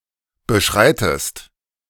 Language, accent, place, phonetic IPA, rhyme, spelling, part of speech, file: German, Germany, Berlin, [bəˈʃʁaɪ̯təst], -aɪ̯təst, beschreitest, verb, De-beschreitest.ogg
- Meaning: inflection of beschreiten: 1. second-person singular present 2. second-person singular subjunctive I